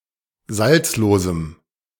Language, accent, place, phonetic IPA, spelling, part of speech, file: German, Germany, Berlin, [ˈzalt͡sloːzm̩], salzlosem, adjective, De-salzlosem.ogg
- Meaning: strong dative masculine/neuter singular of salzlos